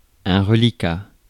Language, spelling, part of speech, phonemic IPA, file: French, reliquat, noun, /ʁə.li.ka/, Fr-reliquat.ogg
- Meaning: 1. outstanding amount, balance 2. rest, remainder